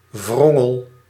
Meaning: curd
- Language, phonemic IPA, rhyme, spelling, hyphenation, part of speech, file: Dutch, /ˈʋrɔ.ŋəl/, -ɔŋəl, wrongel, wron‧gel, noun, Nl-wrongel.ogg